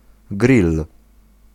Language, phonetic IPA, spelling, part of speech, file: Polish, [ɡrʲil], grill, noun, Pl-grill.ogg